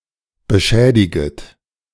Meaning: second-person plural subjunctive I of beschädigen
- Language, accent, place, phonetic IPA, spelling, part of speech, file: German, Germany, Berlin, [bəˈʃɛːdɪɡət], beschädiget, verb, De-beschädiget.ogg